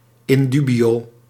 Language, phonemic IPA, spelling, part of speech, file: Dutch, /ɪnˈdybiˌjo/, in dubio, adverb, Nl-in dubio.ogg
- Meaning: in doubt